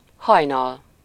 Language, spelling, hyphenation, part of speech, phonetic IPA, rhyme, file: Hungarian, hajnal, haj‧nal, noun, [ˈhɒjnɒl], -ɒl, Hu-hajnal.ogg
- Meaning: dawn